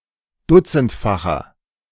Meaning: inflection of dutzendfach: 1. strong/mixed nominative masculine singular 2. strong genitive/dative feminine singular 3. strong genitive plural
- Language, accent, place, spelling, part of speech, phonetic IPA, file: German, Germany, Berlin, dutzendfacher, adjective, [ˈdʊt͡sn̩tfaxɐ], De-dutzendfacher.ogg